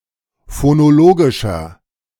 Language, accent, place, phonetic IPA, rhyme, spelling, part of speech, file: German, Germany, Berlin, [fonoˈloːɡɪʃɐ], -oːɡɪʃɐ, phonologischer, adjective, De-phonologischer.ogg
- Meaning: inflection of phonologisch: 1. strong/mixed nominative masculine singular 2. strong genitive/dative feminine singular 3. strong genitive plural